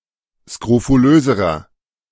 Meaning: inflection of skrofulös: 1. strong/mixed nominative masculine singular comparative degree 2. strong genitive/dative feminine singular comparative degree 3. strong genitive plural comparative degree
- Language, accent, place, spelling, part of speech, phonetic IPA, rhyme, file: German, Germany, Berlin, skrofulöserer, adjective, [skʁofuˈløːzəʁɐ], -øːzəʁɐ, De-skrofulöserer.ogg